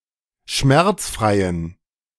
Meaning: inflection of schmerzfrei: 1. strong genitive masculine/neuter singular 2. weak/mixed genitive/dative all-gender singular 3. strong/weak/mixed accusative masculine singular 4. strong dative plural
- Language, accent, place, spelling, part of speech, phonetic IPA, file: German, Germany, Berlin, schmerzfreien, adjective, [ˈʃmɛʁt͡sˌfʁaɪ̯ən], De-schmerzfreien.ogg